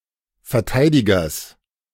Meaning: genitive singular of Verteidiger
- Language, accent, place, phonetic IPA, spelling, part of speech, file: German, Germany, Berlin, [fɛɐ̯ˈtaɪ̯dɪɡɐs], Verteidigers, noun, De-Verteidigers.ogg